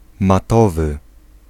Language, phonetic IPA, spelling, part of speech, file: Polish, [maˈtɔvɨ], matowy, adjective, Pl-matowy.ogg